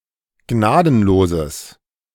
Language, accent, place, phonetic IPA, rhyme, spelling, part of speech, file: German, Germany, Berlin, [ˈɡnaːdn̩loːzəs], -aːdn̩loːzəs, gnadenloses, adjective, De-gnadenloses.ogg
- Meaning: strong/mixed nominative/accusative neuter singular of gnadenlos